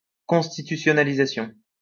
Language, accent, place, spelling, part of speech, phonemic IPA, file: French, France, Lyon, constitutionnalisation, noun, /kɔ̃s.ti.ty.sjɔ.na.li.za.sjɔ̃/, LL-Q150 (fra)-constitutionnalisation.wav
- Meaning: constitutionalization